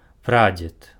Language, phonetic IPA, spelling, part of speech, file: Belarusian, [ˈprad͡zʲet], прадзед, noun, Be-прадзед.ogg
- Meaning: great-grandfather